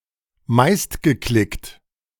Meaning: most-clicked and this most-viewed
- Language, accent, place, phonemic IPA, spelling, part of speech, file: German, Germany, Berlin, /ˈmaɪ̯stɡəˌklɪkt/, meistgeklickt, adjective, De-meistgeklickt.ogg